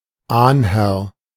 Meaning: 1. primogenitor, first ancestor 2. forefather
- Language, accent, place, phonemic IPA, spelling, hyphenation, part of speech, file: German, Germany, Berlin, /ˈaːnˌhɛʁ/, Ahnherr, Ahn‧herr, noun, De-Ahnherr.ogg